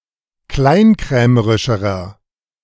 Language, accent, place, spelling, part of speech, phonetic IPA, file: German, Germany, Berlin, kleinkrämerischerer, adjective, [ˈklaɪ̯nˌkʁɛːməʁɪʃəʁɐ], De-kleinkrämerischerer.ogg
- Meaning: inflection of kleinkrämerisch: 1. strong/mixed nominative masculine singular comparative degree 2. strong genitive/dative feminine singular comparative degree